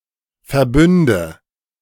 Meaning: inflection of verbünden: 1. first-person singular present 2. first/third-person singular subjunctive I 3. singular imperative
- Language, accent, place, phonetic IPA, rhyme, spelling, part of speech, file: German, Germany, Berlin, [fɛɐ̯ˈbʏndə], -ʏndə, verbünde, verb, De-verbünde.ogg